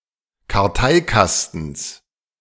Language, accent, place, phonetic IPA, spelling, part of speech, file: German, Germany, Berlin, [kaʁˈtaɪ̯ˌkastn̩s], Karteikastens, noun, De-Karteikastens.ogg
- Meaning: genitive singular of Karteikasten